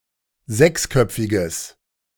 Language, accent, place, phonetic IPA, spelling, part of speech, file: German, Germany, Berlin, [ˈzɛksˌkœp͡fɪɡəs], sechsköpfiges, adjective, De-sechsköpfiges.ogg
- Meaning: strong/mixed nominative/accusative neuter singular of sechsköpfig